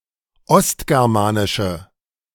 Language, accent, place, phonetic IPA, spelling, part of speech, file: German, Germany, Berlin, [ˈɔstɡɛʁmaːnɪʃə], ostgermanische, adjective, De-ostgermanische.ogg
- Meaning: inflection of ostgermanisch: 1. strong/mixed nominative/accusative feminine singular 2. strong nominative/accusative plural 3. weak nominative all-gender singular